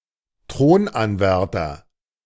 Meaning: 1. heir apparent 2. pretender to the throne, claimant to the throne
- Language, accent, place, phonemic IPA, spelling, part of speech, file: German, Germany, Berlin, /ˈtʁoːnˌanvɛʁtɐ/, Thronanwärter, noun, De-Thronanwärter.ogg